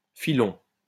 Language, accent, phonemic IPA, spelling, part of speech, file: French, France, /fi.lɔ̃/, filon, noun, LL-Q150 (fra)-filon.wav
- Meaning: lode, seam, vein